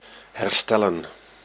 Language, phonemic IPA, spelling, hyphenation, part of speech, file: Dutch, /ɦɛrˈstɛ.lə(n)/, herstellen, her‧stel‧len, verb, Nl-herstellen.ogg
- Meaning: 1. to restore, repair 2. to recover, recuperate